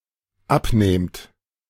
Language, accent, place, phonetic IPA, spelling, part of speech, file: German, Germany, Berlin, [ˈapˌneːmt], abnehmt, verb, De-abnehmt.ogg
- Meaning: second-person plural dependent present of abnehmen